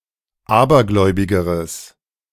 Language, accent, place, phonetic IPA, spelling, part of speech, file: German, Germany, Berlin, [ˈaːbɐˌɡlɔɪ̯bɪɡəʁəs], abergläubigeres, adjective, De-abergläubigeres.ogg
- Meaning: strong/mixed nominative/accusative neuter singular comparative degree of abergläubig